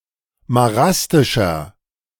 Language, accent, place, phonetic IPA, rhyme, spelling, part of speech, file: German, Germany, Berlin, [maˈʁastɪʃɐ], -astɪʃɐ, marastischer, adjective, De-marastischer.ogg
- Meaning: inflection of marastisch: 1. strong/mixed nominative masculine singular 2. strong genitive/dative feminine singular 3. strong genitive plural